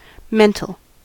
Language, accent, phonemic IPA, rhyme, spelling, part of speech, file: English, US, /ˈmɛn.təl/, -ɛntəl, mental, adjective / noun, En-us-mental.ogg
- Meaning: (adjective) Of or relating to the mind or specifically the total emotional and intellectual response of an individual to external reality.: Occurring or experienced in the mind